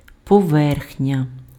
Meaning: surface, overside
- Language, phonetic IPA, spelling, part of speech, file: Ukrainian, [pɔˈʋɛrxnʲɐ], поверхня, noun, Uk-поверхня.ogg